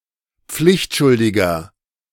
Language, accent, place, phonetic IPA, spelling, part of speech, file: German, Germany, Berlin, [ˈp͡flɪçtˌʃʊldɪɡɐ], pflichtschuldiger, adjective, De-pflichtschuldiger.ogg
- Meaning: 1. comparative degree of pflichtschuldig 2. inflection of pflichtschuldig: strong/mixed nominative masculine singular 3. inflection of pflichtschuldig: strong genitive/dative feminine singular